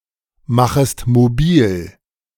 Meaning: second-person singular subjunctive I of mobilmachen
- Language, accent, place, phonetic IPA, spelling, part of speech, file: German, Germany, Berlin, [ˌmaxəst moˈbiːl], machest mobil, verb, De-machest mobil.ogg